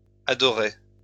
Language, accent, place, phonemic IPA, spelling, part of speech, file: French, France, Lyon, /a.dɔ.ʁɛ/, adorais, verb, LL-Q150 (fra)-adorais.wav
- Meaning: first/second-person singular imperfect indicative of adorer